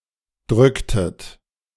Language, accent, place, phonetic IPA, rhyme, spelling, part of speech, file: German, Germany, Berlin, [ˈdʁʏktət], -ʏktət, drücktet, verb, De-drücktet.ogg
- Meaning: inflection of drücken: 1. second-person plural preterite 2. second-person plural subjunctive II